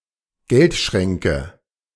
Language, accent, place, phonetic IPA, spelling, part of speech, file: German, Germany, Berlin, [ˈɡɛltˌʃʁɛŋkə], Geldschränke, noun, De-Geldschränke.ogg
- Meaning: nominative/accusative/genitive plural of Geldschrank